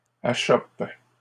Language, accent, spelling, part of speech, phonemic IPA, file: French, Canada, achoppe, verb, /a.ʃɔp/, LL-Q150 (fra)-achoppe.wav
- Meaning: inflection of achopper: 1. first/third-person singular present indicative/subjunctive 2. second-person singular imperative